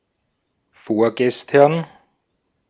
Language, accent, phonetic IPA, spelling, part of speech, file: German, Austria, [ˈfoːɐ̯ɡɛstɐn], vorgestern, adverb, De-at-vorgestern.ogg
- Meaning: ereyesterday, the day before yesterday